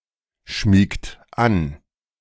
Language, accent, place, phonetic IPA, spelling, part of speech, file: German, Germany, Berlin, [ˌʃmiːkt ˈan], schmiegt an, verb, De-schmiegt an.ogg
- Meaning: inflection of anschmiegen: 1. third-person singular present 2. second-person plural present 3. plural imperative